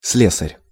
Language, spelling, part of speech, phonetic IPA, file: Russian, слесарь, noun, [ˈs⁽ʲ⁾lʲesərʲ], Ru-слесарь.ogg
- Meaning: 1. locksmith 2. metalworker